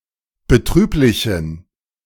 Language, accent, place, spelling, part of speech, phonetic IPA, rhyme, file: German, Germany, Berlin, betrüblichen, adjective, [bəˈtʁyːplɪçn̩], -yːplɪçn̩, De-betrüblichen.ogg
- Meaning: inflection of betrüblich: 1. strong genitive masculine/neuter singular 2. weak/mixed genitive/dative all-gender singular 3. strong/weak/mixed accusative masculine singular 4. strong dative plural